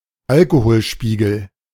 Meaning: blood alcohol concentration
- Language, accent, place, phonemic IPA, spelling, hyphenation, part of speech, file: German, Germany, Berlin, /ˈalkohoːlˌʃpiːɡl̩/, Alkoholspiegel, Al‧ko‧hol‧spie‧gel, noun, De-Alkoholspiegel.ogg